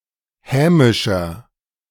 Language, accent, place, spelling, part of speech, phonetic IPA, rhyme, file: German, Germany, Berlin, hämischer, adjective, [ˈhɛːmɪʃɐ], -ɛːmɪʃɐ, De-hämischer.ogg
- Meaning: 1. comparative degree of hämisch 2. inflection of hämisch: strong/mixed nominative masculine singular 3. inflection of hämisch: strong genitive/dative feminine singular